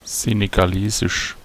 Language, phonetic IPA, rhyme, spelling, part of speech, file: German, [ˌzeːneɡaˈleːzɪʃ], -eːzɪʃ, senegalesisch, adjective, De-senegalesisch.ogg
- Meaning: Senegalese